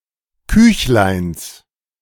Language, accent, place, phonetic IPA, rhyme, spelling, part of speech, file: German, Germany, Berlin, [ˈkʏçlaɪ̯ns], -ʏçlaɪ̯ns, Küchleins, noun, De-Küchleins.ogg
- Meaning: genitive of Küchlein